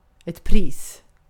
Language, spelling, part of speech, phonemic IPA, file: Swedish, pris, noun, /priːs/, Sv-pris.ogg
- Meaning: 1. a price (monetary or other cost) 2. a prize (award given in a competition, contest, lottery, etc.) 3. praise 4. a pinch of snus (or dip or the like)